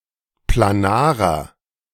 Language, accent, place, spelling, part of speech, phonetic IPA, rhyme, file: German, Germany, Berlin, planarer, adjective, [plaˈnaːʁɐ], -aːʁɐ, De-planarer.ogg
- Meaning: inflection of planar: 1. strong/mixed nominative masculine singular 2. strong genitive/dative feminine singular 3. strong genitive plural